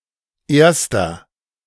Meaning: 1. winner (person in first place) (male or of unspecified gender) 2. inflection of Erste: strong genitive/dative singular 3. inflection of Erste: strong genitive plural
- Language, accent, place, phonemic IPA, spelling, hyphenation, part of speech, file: German, Germany, Berlin, /ˈeːɐ̯stɐ/, Erster, Ers‧ter, noun, De-Erster.ogg